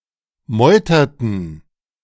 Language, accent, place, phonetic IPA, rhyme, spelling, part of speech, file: German, Germany, Berlin, [ˈmɔɪ̯tɐtn̩], -ɔɪ̯tɐtn̩, meuterten, verb, De-meuterten.ogg
- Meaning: inflection of meutern: 1. first/third-person plural preterite 2. first/third-person plural subjunctive II